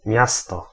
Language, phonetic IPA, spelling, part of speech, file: Polish, [ˈmʲjastɔ], miasto, noun / preposition, Pl-miasto.ogg